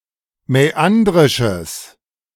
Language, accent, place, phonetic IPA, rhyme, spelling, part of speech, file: German, Germany, Berlin, [mɛˈandʁɪʃəs], -andʁɪʃəs, mäandrisches, adjective, De-mäandrisches.ogg
- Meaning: strong/mixed nominative/accusative neuter singular of mäandrisch